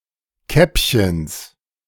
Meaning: genitive singular of Käppchen
- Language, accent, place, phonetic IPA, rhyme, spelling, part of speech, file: German, Germany, Berlin, [ˈkɛpçəns], -ɛpçəns, Käppchens, noun, De-Käppchens.ogg